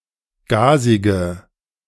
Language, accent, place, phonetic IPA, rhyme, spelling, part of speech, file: German, Germany, Berlin, [ˈɡaːzɪɡə], -aːzɪɡə, gasige, adjective, De-gasige.ogg
- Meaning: inflection of gasig: 1. strong/mixed nominative/accusative feminine singular 2. strong nominative/accusative plural 3. weak nominative all-gender singular 4. weak accusative feminine/neuter singular